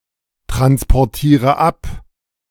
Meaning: inflection of abtransportieren: 1. first-person singular present 2. first/third-person singular subjunctive I 3. singular imperative
- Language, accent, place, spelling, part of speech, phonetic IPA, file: German, Germany, Berlin, transportiere ab, verb, [tʁanspɔʁˌtiːʁə ˈap], De-transportiere ab.ogg